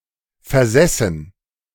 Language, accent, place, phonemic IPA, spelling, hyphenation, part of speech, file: German, Germany, Berlin, /fɛʁˈzɛsn̩/, versessen, ver‧ses‧sen, verb / adjective, De-versessen.ogg
- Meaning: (verb) past participle of versitzen; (adjective) 1. crazy 2. fanatic, closeminded 3. stubborn, immovably set in an opinion